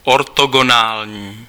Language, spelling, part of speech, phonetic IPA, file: Czech, ortogonální, adjective, [ˈortoɡonaːlɲiː], Cs-ortogonální.ogg
- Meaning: orthogonal